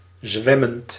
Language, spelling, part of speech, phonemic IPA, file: Dutch, zwemmend, verb, /ˈzʋɛmənt/, Nl-zwemmend.ogg
- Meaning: present participle of zwemmen